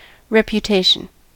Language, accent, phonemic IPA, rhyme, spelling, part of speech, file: English, US, /ˌɹɛpjʊˈteɪʃən/, -eɪʃən, reputation, noun, En-us-reputation.ogg
- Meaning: What somebody or something is known for